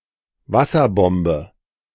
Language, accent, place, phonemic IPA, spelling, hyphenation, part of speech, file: German, Germany, Berlin, /ˈvasɐˌbɔmbə/, Wasserbombe, Was‧ser‧bom‧be, noun, De-Wasserbombe.ogg
- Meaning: 1. depth charge 2. water bomb, water balloon